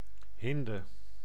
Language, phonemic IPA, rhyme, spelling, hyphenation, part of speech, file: Dutch, /ˈɦɪndə/, -ɪndə, hinde, hin‧de, noun, Nl-hinde.ogg
- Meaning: a doe or hind; a female deer